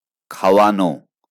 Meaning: to feed
- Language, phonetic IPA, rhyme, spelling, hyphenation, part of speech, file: Bengali, [ˈkʰa.waˌno], -ano, খাওয়ানো, খা‧ও‧য়া‧নো, verb, LL-Q9610 (ben)-খাওয়ানো.wav